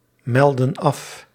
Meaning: inflection of afmelden: 1. plural present indicative 2. plural present subjunctive
- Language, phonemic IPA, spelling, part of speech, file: Dutch, /ˈmɛldə(n) ˈɑf/, melden af, verb, Nl-melden af.ogg